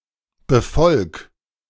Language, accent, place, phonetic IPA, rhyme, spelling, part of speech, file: German, Germany, Berlin, [bəˈfɔlk], -ɔlk, befolg, verb, De-befolg.ogg
- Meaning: 1. singular imperative of befolgen 2. first-person singular present of befolgen